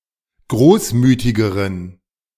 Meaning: inflection of großmütig: 1. strong genitive masculine/neuter singular comparative degree 2. weak/mixed genitive/dative all-gender singular comparative degree
- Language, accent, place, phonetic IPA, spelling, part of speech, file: German, Germany, Berlin, [ˈɡʁoːsˌmyːtɪɡəʁən], großmütigeren, adjective, De-großmütigeren.ogg